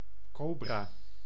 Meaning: 1. cobra (venomous snake from certain genera of the family Elapidae, especially of the genus Naja) 2. Indian cobra (Naja naja)
- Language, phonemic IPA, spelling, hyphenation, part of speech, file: Dutch, /ˈkoː.braː/, cobra, co‧bra, noun, Nl-cobra.ogg